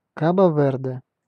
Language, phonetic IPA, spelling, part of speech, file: Russian, [ˈkabə ˈvɛrdɛ], Кабо-Верде, proper noun, Ru-Кабо-Верде.ogg
- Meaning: Cape Verde (an archipelago and country in West Africa)